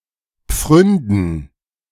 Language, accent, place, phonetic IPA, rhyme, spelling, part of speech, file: German, Germany, Berlin, [ˈp͡fʁʏndn̩], -ʏndn̩, Pfründen, noun, De-Pfründen.ogg
- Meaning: plural of Pfründe